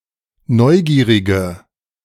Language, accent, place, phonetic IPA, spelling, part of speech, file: German, Germany, Berlin, [ˈnɔɪ̯ˌɡiːʁɪɡə], neugierige, adjective, De-neugierige.ogg
- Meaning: inflection of neugierig: 1. strong/mixed nominative/accusative feminine singular 2. strong nominative/accusative plural 3. weak nominative all-gender singular